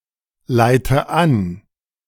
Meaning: inflection of anleiten: 1. first-person singular present 2. first/third-person singular subjunctive I 3. singular imperative
- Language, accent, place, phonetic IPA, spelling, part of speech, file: German, Germany, Berlin, [ˌlaɪ̯tə ˈan], leite an, verb, De-leite an.ogg